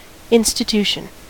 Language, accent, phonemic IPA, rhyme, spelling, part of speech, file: English, US, /ˌɪn.stɪˈtu.ʃən/, -uːʃən, institution, noun, En-us-institution.ogg
- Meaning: 1. A long-established organization or type of organization, particularly one involved with education, public service, or charity work 2. A custom or practice of a society or community